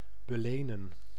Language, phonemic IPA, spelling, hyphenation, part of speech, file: Dutch, /bəˈleːnə(n)/, belenen, be‧le‧nen, verb, Nl-belenen.ogg
- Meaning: 1. to pledge, to impawn 2. to enfeoff